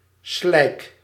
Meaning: mud
- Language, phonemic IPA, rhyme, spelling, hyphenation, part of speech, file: Dutch, /slɛi̯k/, -ɛi̯k, slijk, slijk, noun, Nl-slijk.ogg